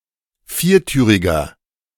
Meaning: inflection of viertürig: 1. strong/mixed nominative masculine singular 2. strong genitive/dative feminine singular 3. strong genitive plural
- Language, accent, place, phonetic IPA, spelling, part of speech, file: German, Germany, Berlin, [ˈfiːɐ̯ˌtyːʁɪɡɐ], viertüriger, adjective, De-viertüriger.ogg